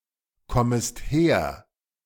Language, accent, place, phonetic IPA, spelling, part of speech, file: German, Germany, Berlin, [ˌkɔməst ˈheːɐ̯], kommest her, verb, De-kommest her.ogg
- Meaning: second-person singular subjunctive I of herkommen